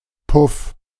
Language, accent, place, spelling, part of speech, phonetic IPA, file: German, Germany, Berlin, Puff, noun, [pʰʊf], De-Puff.ogg
- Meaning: 1. thud, wham; light, harmless blow 2. a kind of dice game, anterior to backgammon 3. brothel, whorehouse, bordello 4. puff, a bulge in drapery